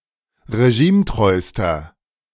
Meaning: inflection of regimetreu: 1. strong/mixed nominative masculine singular superlative degree 2. strong genitive/dative feminine singular superlative degree 3. strong genitive plural superlative degree
- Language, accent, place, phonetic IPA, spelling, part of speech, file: German, Germany, Berlin, [ʁeˈʒiːmˌtʁɔɪ̯stɐ], regimetreuster, adjective, De-regimetreuster.ogg